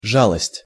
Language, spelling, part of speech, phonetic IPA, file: Russian, жалость, noun, [ˈʐaɫəsʲtʲ], Ru-жалость.ogg
- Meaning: 1. compassion 2. pity